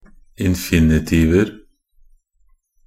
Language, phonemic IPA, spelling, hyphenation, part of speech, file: Norwegian Bokmål, /ɪnfɪnɪˈtiːʋə/, infinitiver, in‧fi‧ni‧tiv‧er, noun, Nb-infinitiver.ogg
- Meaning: indefinite plural of infinitiv